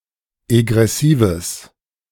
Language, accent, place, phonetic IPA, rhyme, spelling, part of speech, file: German, Germany, Berlin, [eɡʁɛˈsiːvəs], -iːvəs, egressives, adjective, De-egressives.ogg
- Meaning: strong/mixed nominative/accusative neuter singular of egressiv